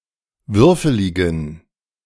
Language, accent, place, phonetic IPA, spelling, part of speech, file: German, Germany, Berlin, [ˈvʏʁfəlɪɡn̩], würfeligen, adjective, De-würfeligen.ogg
- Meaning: inflection of würfelig: 1. strong genitive masculine/neuter singular 2. weak/mixed genitive/dative all-gender singular 3. strong/weak/mixed accusative masculine singular 4. strong dative plural